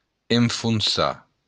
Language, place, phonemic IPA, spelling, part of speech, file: Occitan, Béarn, /en.funˈsa/, enfonsar, verb, LL-Q14185 (oci)-enfonsar.wav
- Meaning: to sink